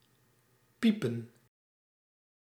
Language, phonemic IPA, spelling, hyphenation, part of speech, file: Dutch, /ˈpi.pə(n)/, piepen, pie‧pen, verb, Nl-piepen.ogg
- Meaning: 1. to squeak, squeal 2. to creak 3. to wheeze (such as someone with asthma) 4. to accomplish, finish, do